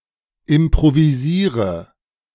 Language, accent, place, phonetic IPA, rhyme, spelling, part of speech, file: German, Germany, Berlin, [ɪmpʁoviˈziːʁə], -iːʁə, improvisiere, verb, De-improvisiere.ogg
- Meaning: inflection of improvisieren: 1. first-person singular present 2. singular imperative 3. first/third-person singular subjunctive I